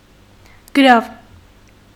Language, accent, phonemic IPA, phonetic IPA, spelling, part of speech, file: Armenian, Eastern Armenian, /ɡəˈɾɑv/, [ɡəɾɑ́v], գրավ, noun, Hy-գրավ.ogg
- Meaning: 1. pledge, security, surety 2. deposit, prepayment 3. wager